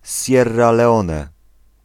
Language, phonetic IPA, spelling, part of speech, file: Polish, [ˈsʲjɛrːa lɛˈɔ̃nɛ], Sierra Leone, proper noun, Pl-Sierra Leone.ogg